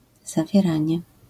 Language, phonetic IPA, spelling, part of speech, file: Polish, [ˌzavʲjɛˈrãɲɛ], zawieranie, noun, LL-Q809 (pol)-zawieranie.wav